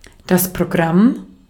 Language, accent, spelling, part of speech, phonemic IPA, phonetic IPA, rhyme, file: German, Austria, Programm, noun, /proˈɡram/, [pʁoˈɡʁäm], -am, De-at-Programm.ogg
- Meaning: program (set of structured ideas or activities; a list thereof)